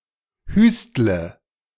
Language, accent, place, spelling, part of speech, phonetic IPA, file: German, Germany, Berlin, hüstle, verb, [ˈhyːstlə], De-hüstle.ogg
- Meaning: inflection of hüsteln: 1. first-person singular present 2. first/third-person singular subjunctive I 3. singular imperative